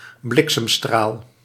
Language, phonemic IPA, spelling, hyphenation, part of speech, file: Dutch, /ˈblɪk.səmˌstraːl/, bliksemstraal, blik‧sem‧straal, noun, Nl-bliksemstraal.ogg
- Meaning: lightning bolt